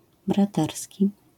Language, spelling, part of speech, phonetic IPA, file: Polish, braterski, adjective, [braˈtɛrsʲci], LL-Q809 (pol)-braterski.wav